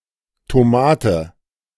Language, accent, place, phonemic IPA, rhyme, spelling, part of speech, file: German, Germany, Berlin, /toˈmaːtə/, -aːtə, Tomate, noun, De-Tomate.ogg
- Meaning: tomato (plant, fruit of this plant)